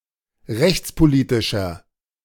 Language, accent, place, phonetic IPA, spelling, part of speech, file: German, Germany, Berlin, [ˈʁɛçt͡spoˌliːtɪʃɐ], rechtspolitischer, adjective, De-rechtspolitischer.ogg
- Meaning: inflection of rechtspolitisch: 1. strong/mixed nominative masculine singular 2. strong genitive/dative feminine singular 3. strong genitive plural